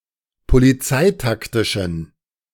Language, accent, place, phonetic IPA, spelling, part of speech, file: German, Germany, Berlin, [poliˈt͡saɪ̯takˌtɪʃn̩], polizeitaktischen, adjective, De-polizeitaktischen.ogg
- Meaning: inflection of polizeitaktisch: 1. strong genitive masculine/neuter singular 2. weak/mixed genitive/dative all-gender singular 3. strong/weak/mixed accusative masculine singular 4. strong dative plural